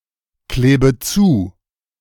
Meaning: inflection of zukleben: 1. first-person singular present 2. first/third-person singular subjunctive I 3. singular imperative
- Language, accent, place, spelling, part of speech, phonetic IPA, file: German, Germany, Berlin, klebe zu, verb, [ˌkleːbə ˈt͡suː], De-klebe zu.ogg